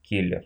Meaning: contract killer, hitman, paid assassin
- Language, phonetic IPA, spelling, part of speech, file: Russian, [ˈkʲilʲɪr], киллер, noun, Ru-ки́ллер.ogg